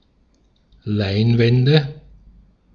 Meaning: nominative/accusative/genitive plural of Leinwand
- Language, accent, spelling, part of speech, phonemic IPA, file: German, Austria, Leinwände, noun, /ˈlaɪ̯nˌvɛndə/, De-at-Leinwände.ogg